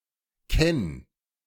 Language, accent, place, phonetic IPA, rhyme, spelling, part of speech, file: German, Germany, Berlin, [kɛn], -ɛn, kenn, verb, De-kenn.ogg
- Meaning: singular imperative of kennen